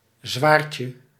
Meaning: diminutive of zwaard
- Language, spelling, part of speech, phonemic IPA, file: Dutch, zwaardje, noun, /ˈzwarcə/, Nl-zwaardje.ogg